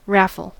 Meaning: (noun) 1. A drawing, often held as a fundraiser, in which tickets or chances are sold to win a prize 2. A game of dice in which the player who throws three of the same number wins all the stakes
- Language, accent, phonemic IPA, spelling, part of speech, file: English, US, /ˈɹæfl̩/, raffle, noun / verb, En-us-raffle.ogg